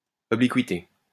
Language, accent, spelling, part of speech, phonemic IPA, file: French, France, obliquité, noun, /ɔ.bli.kɥi.te/, LL-Q150 (fra)-obliquité.wav
- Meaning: 1. obliqueness 2. obliquity